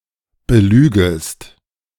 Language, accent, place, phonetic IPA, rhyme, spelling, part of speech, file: German, Germany, Berlin, [bəˈlyːɡəst], -yːɡəst, belügest, verb, De-belügest.ogg
- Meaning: second-person singular subjunctive I of belügen